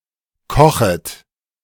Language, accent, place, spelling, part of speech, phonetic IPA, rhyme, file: German, Germany, Berlin, kochet, verb, [ˈkɔxət], -ɔxət, De-kochet.ogg
- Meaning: second-person plural subjunctive I of kochen